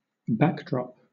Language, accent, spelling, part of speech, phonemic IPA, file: English, Southern England, backdrop, noun / verb, /ˈbæk.dɹɒp/, LL-Q1860 (eng)-backdrop.wav
- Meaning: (noun) 1. A decorated cloth hung at the back of a stage 2. An image that serves as a visual background 3. The setting or background of an acted performance 4. Any background situation